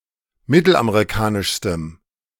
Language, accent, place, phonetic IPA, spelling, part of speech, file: German, Germany, Berlin, [ˈmɪtl̩ʔameʁiˌkaːnɪʃstəm], mittelamerikanischstem, adjective, De-mittelamerikanischstem.ogg
- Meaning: strong dative masculine/neuter singular superlative degree of mittelamerikanisch